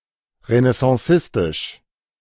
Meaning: Renaissance
- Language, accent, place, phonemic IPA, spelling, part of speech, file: German, Germany, Berlin, /ʁənɛsɑ̃ˈsɪstɪʃ/, renaissancistisch, adjective, De-renaissancistisch.ogg